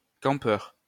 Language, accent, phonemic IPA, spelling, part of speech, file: French, France, /kɑ̃.pœʁ/, campeur, noun, LL-Q150 (fra)-campeur.wav
- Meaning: camper